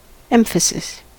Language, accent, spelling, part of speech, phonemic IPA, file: English, US, emphasis, noun, /ˈɛmfəsɪs/, En-us-emphasis.ogg
- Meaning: 1. Special weight or forcefulness given to something considered important 2. Special attention or prominence given to something